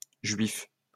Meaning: plural of juif
- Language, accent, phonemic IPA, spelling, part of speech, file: French, France, /ʒɥif/, juifs, noun, LL-Q150 (fra)-juifs.wav